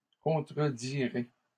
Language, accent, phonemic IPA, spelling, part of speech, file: French, Canada, /kɔ̃.tʁə.di.ʁe/, contredirai, verb, LL-Q150 (fra)-contredirai.wav
- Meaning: first-person singular future of contredire